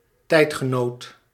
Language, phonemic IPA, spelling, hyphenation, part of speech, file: Dutch, /ˈtɛi̯t.xəˌnoːt/, tijdgenoot, tijd‧ge‧noot, noun, Nl-tijdgenoot.ogg
- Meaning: a contemporary. (someone who lives in the same time period)